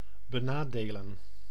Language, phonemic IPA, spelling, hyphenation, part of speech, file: Dutch, /bəˈnaːdeːlə(n)/, benadelen, be‧na‧de‧len, verb, Nl-benadelen.ogg
- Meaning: to disadvantage, to wrong